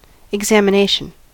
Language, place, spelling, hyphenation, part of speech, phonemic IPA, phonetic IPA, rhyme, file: English, California, examination, ex‧am‧i‧na‧tion, noun, /ɪɡˌzæm.əˈneɪ.ʃən/, [ɪɡˌzɛəm.əˈneɪ.ʃn̩], -eɪʃən, En-us-examination.ogg
- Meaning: 1. The act of examining 2. Particularly, an inspection by a medical professional to establish the extent and nature of any sickness or injury